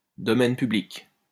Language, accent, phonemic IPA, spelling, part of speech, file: French, France, /dɔ.mɛn py.blik/, domaine public, noun, LL-Q150 (fra)-domaine public.wav
- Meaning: public domain